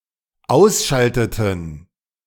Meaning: inflection of ausschalten: 1. first/third-person plural dependent preterite 2. first/third-person plural dependent subjunctive II
- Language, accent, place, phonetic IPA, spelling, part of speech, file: German, Germany, Berlin, [ˈaʊ̯sˌʃaltətn̩], ausschalteten, verb, De-ausschalteten.ogg